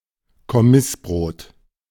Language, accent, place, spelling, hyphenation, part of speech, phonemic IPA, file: German, Germany, Berlin, Kommissbrot, Kommissbrot, noun, /kɔˈmɪsˌbʁoːt/, De-Kommissbrot.ogg
- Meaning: army bread